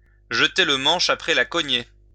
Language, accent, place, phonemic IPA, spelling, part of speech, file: French, France, Lyon, /ʒə.te l(ə) mɑ̃ʃ a.pʁɛ la kɔ.ɲe/, jeter le manche après la cognée, verb, LL-Q150 (fra)-jeter le manche après la cognée.wav
- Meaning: to throw in the towel, to give up